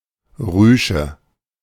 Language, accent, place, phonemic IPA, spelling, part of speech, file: German, Germany, Berlin, /ˈʁyːʃə/, Rüsche, noun, De-Rüsche.ogg
- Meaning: ruffle; ruche